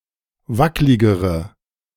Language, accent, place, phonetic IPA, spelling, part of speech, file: German, Germany, Berlin, [ˈvaklɪɡəʁə], wackligere, adjective, De-wackligere.ogg
- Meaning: inflection of wacklig: 1. strong/mixed nominative/accusative feminine singular comparative degree 2. strong nominative/accusative plural comparative degree